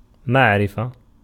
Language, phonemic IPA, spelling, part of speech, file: Arabic, /maʕ.ri.fa/, معرفة, noun, Ar-معرفة.ogg
- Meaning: 1. verbal noun of عَرَفَ (ʕarafa) (form I) 2. knowledge 3. definite